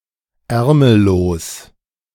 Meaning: sleeveless (of a garment, having no sleeves)
- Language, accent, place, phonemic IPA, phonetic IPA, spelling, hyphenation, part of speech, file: German, Germany, Berlin, /ˈɛʁməˌloːs/, [ˈʔɛʁməˌloːs], ärmellos, är‧mel‧los, adjective, De-ärmellos2.ogg